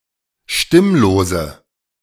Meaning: inflection of stimmlos: 1. strong/mixed nominative/accusative feminine singular 2. strong nominative/accusative plural 3. weak nominative all-gender singular
- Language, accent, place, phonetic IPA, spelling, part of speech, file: German, Germany, Berlin, [ˈʃtɪmloːzə], stimmlose, adjective, De-stimmlose.ogg